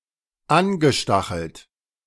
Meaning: past participle of anstacheln
- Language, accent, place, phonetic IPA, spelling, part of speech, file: German, Germany, Berlin, [ˈanɡəˌʃtaxl̩t], angestachelt, verb, De-angestachelt.ogg